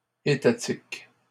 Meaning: state
- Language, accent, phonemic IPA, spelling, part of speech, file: French, Canada, /e.ta.tik/, étatique, adjective, LL-Q150 (fra)-étatique.wav